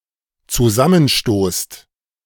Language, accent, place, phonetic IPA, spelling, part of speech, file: German, Germany, Berlin, [t͡suˈzamənˌʃtoːst], zusammenstoßt, verb, De-zusammenstoßt.ogg
- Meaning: second-person plural dependent present of zusammenstoßen